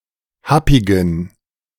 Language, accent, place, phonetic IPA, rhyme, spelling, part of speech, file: German, Germany, Berlin, [ˈhapɪɡn̩], -apɪɡn̩, happigen, adjective, De-happigen.ogg
- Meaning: inflection of happig: 1. strong genitive masculine/neuter singular 2. weak/mixed genitive/dative all-gender singular 3. strong/weak/mixed accusative masculine singular 4. strong dative plural